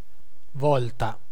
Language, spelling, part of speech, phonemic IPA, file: Italian, volta, adjective / noun / verb, /ˈvɔlta/, It-volta.ogg